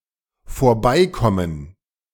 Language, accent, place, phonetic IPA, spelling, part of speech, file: German, Germany, Berlin, [foːɐ̯ˈbaɪ̯ˌkɔmən], vorbeikommen, verb, De-vorbeikommen.ogg
- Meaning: 1. to come over; to drop by 2. to get past, to go by